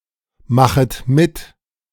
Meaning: second-person plural subjunctive I of mitmachen
- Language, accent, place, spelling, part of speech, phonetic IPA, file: German, Germany, Berlin, machet mit, verb, [ˌmaxət ˈmɪt], De-machet mit.ogg